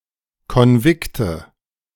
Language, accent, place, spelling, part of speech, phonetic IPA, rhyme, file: German, Germany, Berlin, Konvikte, noun, [kɔnˈvɪktə], -ɪktə, De-Konvikte.ogg
- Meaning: 1. plural of Konvikt 2. dative singular of Konvikt